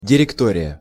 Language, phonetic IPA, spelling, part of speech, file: Russian, [dʲɪrʲɪkˈtorʲɪjə], директория, noun, Ru-директория.ogg
- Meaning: directory, folder